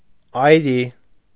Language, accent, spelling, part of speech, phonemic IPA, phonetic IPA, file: Armenian, Eastern Armenian, այրի, noun / adjective, /ɑjˈɾi/, [ɑjɾí], Hy-այրի.ogg
- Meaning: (noun) widow or widower (usually a widow); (adjective) widowed